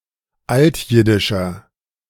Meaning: inflection of altjiddisch: 1. strong/mixed nominative masculine singular 2. strong genitive/dative feminine singular 3. strong genitive plural
- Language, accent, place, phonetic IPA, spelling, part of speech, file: German, Germany, Berlin, [ˈaltˌjɪdɪʃɐ], altjiddischer, adjective, De-altjiddischer.ogg